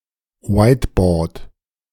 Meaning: 1. whiteboard (white large vertical writing area) 2. interactive whiteboard, smartboard
- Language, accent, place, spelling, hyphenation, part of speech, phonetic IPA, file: German, Germany, Berlin, Whiteboard, White‧board, noun, [ˈvaɪ̯tbɔːd], De-Whiteboard.ogg